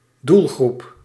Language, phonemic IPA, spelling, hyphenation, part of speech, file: Dutch, /ˈdul.ɣrup/, doelgroep, doel‧groep, noun, Nl-doelgroep.ogg
- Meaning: target group, target audience